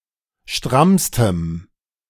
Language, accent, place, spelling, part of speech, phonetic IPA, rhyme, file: German, Germany, Berlin, strammstem, adjective, [ˈʃtʁamstəm], -amstəm, De-strammstem.ogg
- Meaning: strong dative masculine/neuter singular superlative degree of stramm